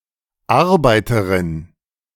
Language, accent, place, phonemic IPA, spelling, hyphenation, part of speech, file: German, Germany, Berlin, /ˈaʁbaɪ̯təʁɪn/, Arbeiterin, Ar‧bei‧te‧rin, noun, De-Arbeiterin.ogg
- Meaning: 1. female laborer, worker 2. worker bee